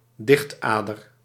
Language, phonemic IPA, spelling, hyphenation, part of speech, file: Dutch, /ˈdɪxtˌaː.dər/, dichtader, dicht‧ader, noun, Nl-dichtader.ogg
- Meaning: a fictional vein that functions as source of poetic inspiration